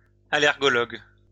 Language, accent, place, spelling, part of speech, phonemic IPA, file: French, France, Lyon, allergologue, noun, /a.lɛʁ.ɡɔ.lɔɡ/, LL-Q150 (fra)-allergologue.wav
- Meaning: allergist